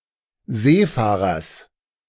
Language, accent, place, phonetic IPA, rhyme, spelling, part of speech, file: German, Germany, Berlin, [ˈzeːˌfaːʁɐs], -eːfaːʁɐs, Seefahrers, noun, De-Seefahrers.ogg
- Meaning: genitive singular of Seefahrer